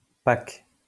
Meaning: 1. pack (item of packaging) 2. pack ice 3. a rugby team
- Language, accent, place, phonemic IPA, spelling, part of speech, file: French, France, Lyon, /pak/, pack, noun, LL-Q150 (fra)-pack.wav